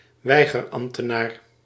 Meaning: civil officiant (a civil servant) who refuses to marry same-sex couples
- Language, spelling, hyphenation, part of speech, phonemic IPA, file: Dutch, weigerambtenaar, wei‧ger‧amb‧te‧naar, noun, /ˈʋɛi̯.ɣərˌɑm(p).tə.naːr/, Nl-weigerambtenaar.ogg